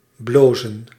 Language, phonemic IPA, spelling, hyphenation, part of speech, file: Dutch, /ˈbloːzə(n)/, blozen, blo‧zen, verb, Nl-blozen.ogg
- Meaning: to blush, to flush